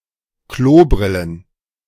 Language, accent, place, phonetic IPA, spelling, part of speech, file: German, Germany, Berlin, [ˈkloːˌbʁɪlən], Klobrillen, noun, De-Klobrillen.ogg
- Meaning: plural of Klobrille